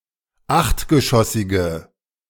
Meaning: inflection of achtgeschossig: 1. strong/mixed nominative/accusative feminine singular 2. strong nominative/accusative plural 3. weak nominative all-gender singular
- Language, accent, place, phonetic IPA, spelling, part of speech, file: German, Germany, Berlin, [ˈaxtɡəˌʃɔsɪɡə], achtgeschossige, adjective, De-achtgeschossige.ogg